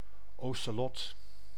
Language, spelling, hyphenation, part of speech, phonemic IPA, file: Dutch, ocelot, oce‧lot, noun, /ˌosəˈlɔt/, Nl-ocelot.ogg
- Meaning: ocelot (mammal)